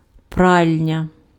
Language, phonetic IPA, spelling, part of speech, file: Ukrainian, [ˈpralʲnʲɐ], пральня, noun, Uk-пральня.ogg
- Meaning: laundry (place or room where laundering is done)